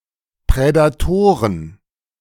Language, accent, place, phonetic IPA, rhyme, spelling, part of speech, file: German, Germany, Berlin, [pʁɛdaˈtoːʁən], -oːʁən, Prädatoren, noun, De-Prädatoren.ogg
- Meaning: plural of Prädator